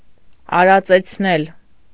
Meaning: 1. causative of արածել (aracel) 2. causative of արածել (aracel): to pasture, to feed (to take animals out to graze)
- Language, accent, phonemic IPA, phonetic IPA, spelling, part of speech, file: Armenian, Eastern Armenian, /ɑɾɑt͡set͡sʰˈnel/, [ɑɾɑt͡set͡sʰnél], արածեցնել, verb, Hy-արածեցնել.ogg